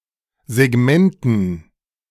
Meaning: dative plural of Segment
- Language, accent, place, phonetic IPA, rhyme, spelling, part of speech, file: German, Germany, Berlin, [zeˈɡmɛntn̩], -ɛntn̩, Segmenten, noun, De-Segmenten.ogg